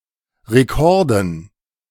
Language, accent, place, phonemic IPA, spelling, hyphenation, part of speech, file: German, Germany, Berlin, /ʁeˈkɔʁdən/, Rekorden, Re‧kor‧den, noun, De-Rekorden.ogg
- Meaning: dative plural of Rekord